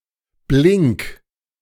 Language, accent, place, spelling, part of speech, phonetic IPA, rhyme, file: German, Germany, Berlin, blink, verb, [blɪŋk], -ɪŋk, De-blink.ogg
- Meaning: 1. singular imperative of blinken 2. first-person singular present of blinken